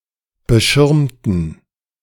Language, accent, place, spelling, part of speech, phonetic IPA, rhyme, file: German, Germany, Berlin, beschirmten, adjective / verb, [bəˈʃɪʁmtn̩], -ɪʁmtn̩, De-beschirmten.ogg
- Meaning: inflection of beschirmen: 1. first/third-person plural preterite 2. first/third-person plural subjunctive II